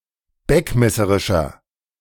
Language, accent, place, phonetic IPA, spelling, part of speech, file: German, Germany, Berlin, [ˈbɛkmɛsəʁɪʃɐ], beckmesserischer, adjective, De-beckmesserischer.ogg
- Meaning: 1. comparative degree of beckmesserisch 2. inflection of beckmesserisch: strong/mixed nominative masculine singular 3. inflection of beckmesserisch: strong genitive/dative feminine singular